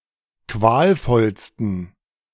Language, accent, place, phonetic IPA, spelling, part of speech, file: German, Germany, Berlin, [ˈkvaːlˌfɔlstn̩], qualvollsten, adjective, De-qualvollsten.ogg
- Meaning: 1. superlative degree of qualvoll 2. inflection of qualvoll: strong genitive masculine/neuter singular superlative degree